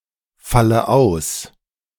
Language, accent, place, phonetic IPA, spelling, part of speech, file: German, Germany, Berlin, [ˌfalə ˈaʊ̯s], falle aus, verb, De-falle aus.ogg
- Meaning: inflection of ausfallen: 1. first-person singular present 2. first/third-person singular subjunctive I 3. singular imperative